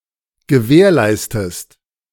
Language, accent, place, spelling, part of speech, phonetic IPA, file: German, Germany, Berlin, gewährleistest, verb, [ɡəˈvɛːɐ̯ˌlaɪ̯stəst], De-gewährleistest.ogg
- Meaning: inflection of gewährleisten: 1. second-person singular present 2. second-person singular subjunctive I